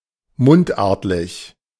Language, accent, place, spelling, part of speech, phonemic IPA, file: German, Germany, Berlin, mundartlich, adjective, /ˈmʊntˌʔaːɐ̯tlɪç/, De-mundartlich.ogg
- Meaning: dialectal